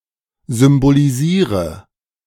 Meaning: inflection of symbolisieren: 1. first-person singular present 2. singular imperative 3. first/third-person singular subjunctive I
- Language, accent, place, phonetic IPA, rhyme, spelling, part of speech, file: German, Germany, Berlin, [zʏmboliˈziːʁə], -iːʁə, symbolisiere, verb, De-symbolisiere.ogg